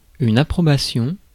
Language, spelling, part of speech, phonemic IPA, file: French, approbation, noun, /a.pʁɔ.ba.sjɔ̃/, Fr-approbation.ogg
- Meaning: approval (permission)